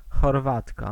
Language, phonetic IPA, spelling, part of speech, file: Polish, [xɔrˈvatka], Chorwatka, noun, Pl-Chorwatka.ogg